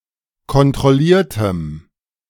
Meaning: strong dative masculine/neuter singular of kontrolliert
- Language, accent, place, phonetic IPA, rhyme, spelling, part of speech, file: German, Germany, Berlin, [kɔntʁɔˈliːɐ̯təm], -iːɐ̯təm, kontrolliertem, adjective, De-kontrolliertem.ogg